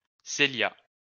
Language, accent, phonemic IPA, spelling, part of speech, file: French, France, /se.lja/, Célia, proper noun, LL-Q150 (fra)-Célia.wav
- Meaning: a female given name, equivalent to English Celia